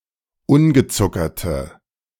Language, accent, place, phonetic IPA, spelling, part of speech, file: German, Germany, Berlin, [ˈʊnɡəˌt͡sʊkɐtə], ungezuckerte, adjective, De-ungezuckerte.ogg
- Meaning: inflection of ungezuckert: 1. strong/mixed nominative/accusative feminine singular 2. strong nominative/accusative plural 3. weak nominative all-gender singular